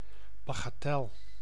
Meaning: 1. a negligible sum, a tiny amount 2. trinket 3. trifle, futility
- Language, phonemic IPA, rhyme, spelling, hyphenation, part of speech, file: Dutch, /ˌbaː.ɣaːˈtɛl/, -ɛl, bagatel, ba‧ga‧tel, noun, Nl-bagatel.ogg